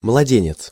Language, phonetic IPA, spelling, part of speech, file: Russian, [mɫɐˈdʲenʲɪt͡s], младенец, noun, Ru-младенец.ogg
- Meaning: infant, baby